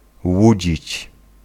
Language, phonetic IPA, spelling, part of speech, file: Polish, [ˈwud͡ʑit͡ɕ], łudzić, verb, Pl-łudzić.ogg